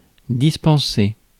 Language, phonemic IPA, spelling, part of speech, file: French, /dis.pɑ̃.se/, dispenser, verb, Fr-dispenser.ogg
- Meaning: 1. to excuse, exempt (de from) 2. to dispense, give out, radiate 3. to distribute, dispense 4. to avoid, refrain (de from)